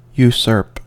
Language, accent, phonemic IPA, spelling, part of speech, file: English, US, /juˈsɝp/, usurp, verb, En-us-usurp.ogg
- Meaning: To seize and hold or use (powers, an office, a coat of arms, a right or copyright, etc) from another, without right (usually by illegitimate means)